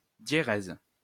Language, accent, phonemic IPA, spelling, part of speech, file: French, France, /dje.ʁɛz/, diérèse, noun, LL-Q150 (fra)-diérèse.wav
- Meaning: diaeresis (all meanings)